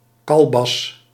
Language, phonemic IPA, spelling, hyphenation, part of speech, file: Dutch, /ˈkɑl.bɑs/, kalbas, kal‧bas, noun, Nl-kalbas.ogg
- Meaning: alternative form of kalebas